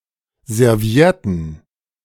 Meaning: plural of Serviette
- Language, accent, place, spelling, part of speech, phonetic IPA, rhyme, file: German, Germany, Berlin, Servietten, noun, [zɛʁˈvi̯ɛtn̩], -ɛtn̩, De-Servietten.ogg